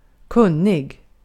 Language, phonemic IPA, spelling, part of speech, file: Swedish, /²kɵnːɪɡ/, kunnig, adjective, Sv-kunnig.ogg
- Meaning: knowledgeable, especially in a way that makes one competent (within a particular area); having (great) knowledge, know-how, or skill borne out of knowledge